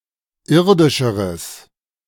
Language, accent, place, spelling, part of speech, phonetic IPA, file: German, Germany, Berlin, irdischeres, adjective, [ˈɪʁdɪʃəʁəs], De-irdischeres.ogg
- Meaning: strong/mixed nominative/accusative neuter singular comparative degree of irdisch